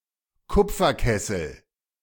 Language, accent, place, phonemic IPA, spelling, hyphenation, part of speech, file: German, Germany, Berlin, /ˈkʊpfɐˌkɛsl̩/, Kupferkessel, Kup‧fer‧kes‧sel, noun, De-Kupferkessel.ogg
- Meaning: copper kettle